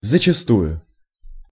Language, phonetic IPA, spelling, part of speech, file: Russian, [zət͡ɕɪˈstujʊ], зачастую, adverb, Ru-зачастую.ogg
- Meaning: often (frequently, many times)